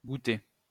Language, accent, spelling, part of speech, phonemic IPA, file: French, France, gouter, verb / noun, /ɡu.te/, LL-Q150 (fra)-gouter.wav
- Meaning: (verb) post-1990 spelling of goûter